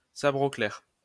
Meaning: 1. with sword drawn (with the sword out of its sheath) 2. in an openly aggressive and forthright manner
- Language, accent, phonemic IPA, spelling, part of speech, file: French, France, /sa.bʁ‿o klɛʁ/, sabre au clair, adverb, LL-Q150 (fra)-sabre au clair.wav